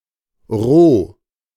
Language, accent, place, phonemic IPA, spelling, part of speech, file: German, Germany, Berlin, /ʁoː/, Rho, noun, De-Rho.ogg
- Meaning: rho (greek letter)